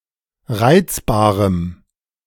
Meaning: strong dative masculine/neuter singular of reizbar
- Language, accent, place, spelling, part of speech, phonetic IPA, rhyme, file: German, Germany, Berlin, reizbarem, adjective, [ˈʁaɪ̯t͡sbaːʁəm], -aɪ̯t͡sbaːʁəm, De-reizbarem.ogg